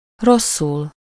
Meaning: badly
- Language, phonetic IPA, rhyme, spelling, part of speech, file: Hungarian, [ˈrosːul], -ul, rosszul, adverb, Hu-rosszul.ogg